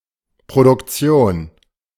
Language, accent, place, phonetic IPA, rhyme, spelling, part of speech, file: German, Germany, Berlin, [pʁodʊkˈt͡si̯oːn], -oːn, Produktion, noun, De-Produktion.ogg
- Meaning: production